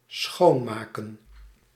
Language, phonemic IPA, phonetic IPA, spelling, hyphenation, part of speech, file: Dutch, /ˈsxoː(n)ˌmaː.kə(n)/, [ˈsxoʊ̯(n)ˌmaː.kə(n)], schoonmaken, schoon‧ma‧ken, verb / noun, Nl-schoonmaken.ogg
- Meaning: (verb) to clean; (noun) plural of schoonmaak